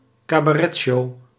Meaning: cabaret show
- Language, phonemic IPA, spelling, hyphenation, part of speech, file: Dutch, /kaː.baːˈrɛ(t)ˌʃoː/, cabaretshow, ca‧ba‧ret‧show, noun, Nl-cabaretshow.ogg